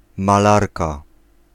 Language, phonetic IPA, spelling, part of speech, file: Polish, [maˈlarka], malarka, noun, Pl-malarka.ogg